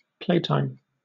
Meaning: 1. Time for play or diversion 2. A time when children can play outside during the school day
- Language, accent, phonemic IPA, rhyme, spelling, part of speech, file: English, Southern England, /ˈpleɪtaɪm/, -eɪtaɪm, playtime, noun, LL-Q1860 (eng)-playtime.wav